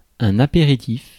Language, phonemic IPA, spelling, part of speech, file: French, /a.pe.ʁi.tif/, apéritif, noun, Fr-apéritif.ogg
- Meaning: apéritif